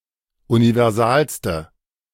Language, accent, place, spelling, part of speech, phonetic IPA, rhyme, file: German, Germany, Berlin, universalste, adjective, [univɛʁˈzaːlstə], -aːlstə, De-universalste.ogg
- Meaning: inflection of universal: 1. strong/mixed nominative/accusative feminine singular superlative degree 2. strong nominative/accusative plural superlative degree